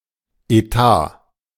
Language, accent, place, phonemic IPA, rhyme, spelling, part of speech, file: German, Germany, Berlin, /eˈtaː/, -aː, Etat, noun, De-Etat.ogg
- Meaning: budget